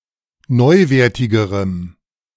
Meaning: strong dative masculine/neuter singular comparative degree of neuwertig
- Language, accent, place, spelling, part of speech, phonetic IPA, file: German, Germany, Berlin, neuwertigerem, adjective, [ˈnɔɪ̯ˌveːɐ̯tɪɡəʁəm], De-neuwertigerem.ogg